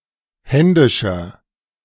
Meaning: inflection of händisch: 1. strong/mixed nominative masculine singular 2. strong genitive/dative feminine singular 3. strong genitive plural
- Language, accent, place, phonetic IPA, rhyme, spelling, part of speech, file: German, Germany, Berlin, [ˈhɛndɪʃɐ], -ɛndɪʃɐ, händischer, adjective, De-händischer.ogg